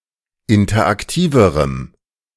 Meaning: strong dative masculine/neuter singular comparative degree of interaktiv
- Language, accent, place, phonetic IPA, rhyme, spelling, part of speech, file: German, Germany, Berlin, [ˌɪntɐʔakˈtiːvəʁəm], -iːvəʁəm, interaktiverem, adjective, De-interaktiverem.ogg